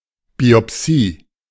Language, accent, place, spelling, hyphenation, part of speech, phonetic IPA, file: German, Germany, Berlin, Biopsie, Bi‧op‧sie, noun, [ˌbiɔˈpsiː], De-Biopsie.ogg
- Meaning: biopsy